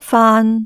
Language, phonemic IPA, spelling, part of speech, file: Cantonese, /faːn˧/, faan3, romanization, Yue-faan3.ogg
- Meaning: 1. Jyutping transcription of 泛 2. Jyutping transcription of 氾